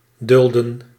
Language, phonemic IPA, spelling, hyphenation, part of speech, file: Dutch, /ˈdʏldə(n)/, dulden, dul‧den, verb, Nl-dulden.ogg
- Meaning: 1. to tolerate 2. to endure